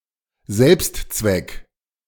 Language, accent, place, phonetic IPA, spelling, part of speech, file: German, Germany, Berlin, [ˈzɛlpstˌt͡svɛk], Selbstzweck, noun, De-Selbstzweck.ogg
- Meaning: end in itself